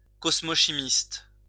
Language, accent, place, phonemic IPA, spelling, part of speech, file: French, France, Lyon, /kɔs.mo.ʃi.mist/, cosmochimiste, noun, LL-Q150 (fra)-cosmochimiste.wav
- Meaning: cosmochemist